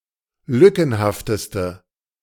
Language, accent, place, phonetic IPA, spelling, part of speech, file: German, Germany, Berlin, [ˈlʏkn̩haftəstə], lückenhafteste, adjective, De-lückenhafteste.ogg
- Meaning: inflection of lückenhaft: 1. strong/mixed nominative/accusative feminine singular superlative degree 2. strong nominative/accusative plural superlative degree